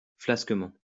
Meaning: flabbily
- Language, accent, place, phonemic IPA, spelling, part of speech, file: French, France, Lyon, /flas.kə.mɑ̃/, flasquement, adverb, LL-Q150 (fra)-flasquement.wav